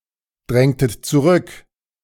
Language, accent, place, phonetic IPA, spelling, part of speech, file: German, Germany, Berlin, [ˌdʁɛŋtət t͡suˈʁʏk], drängtet zurück, verb, De-drängtet zurück.ogg
- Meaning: inflection of zurückdrängen: 1. second-person plural preterite 2. second-person plural subjunctive II